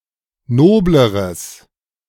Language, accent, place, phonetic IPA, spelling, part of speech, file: German, Germany, Berlin, [ˈnoːbləʁəs], nobleres, adjective, De-nobleres.ogg
- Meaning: strong/mixed nominative/accusative neuter singular comparative degree of nobel